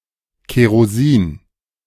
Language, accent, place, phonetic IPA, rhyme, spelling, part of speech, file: German, Germany, Berlin, [keʁoˈziːn], -iːn, Kerosin, noun, De-Kerosin.ogg
- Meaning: kerosene as fuel for airplanes